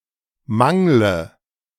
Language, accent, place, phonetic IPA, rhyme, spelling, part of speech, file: German, Germany, Berlin, [ˈmaŋlə], -aŋlə, mangle, verb, De-mangle.ogg
- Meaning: inflection of mangeln: 1. first-person singular present 2. singular imperative 3. first/third-person singular subjunctive I